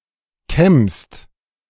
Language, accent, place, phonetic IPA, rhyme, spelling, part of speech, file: German, Germany, Berlin, [kɛmst], -ɛmst, kämmst, verb, De-kämmst.ogg
- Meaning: second-person singular present of kämmen